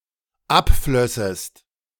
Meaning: second-person singular dependent subjunctive II of abfließen
- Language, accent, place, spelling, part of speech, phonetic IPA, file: German, Germany, Berlin, abflössest, verb, [ˈapˌflœsəst], De-abflössest.ogg